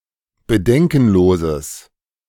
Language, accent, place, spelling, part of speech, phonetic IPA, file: German, Germany, Berlin, bedenkenloses, adjective, [bəˈdɛŋkn̩ˌloːzəs], De-bedenkenloses.ogg
- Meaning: strong/mixed nominative/accusative neuter singular of bedenkenlos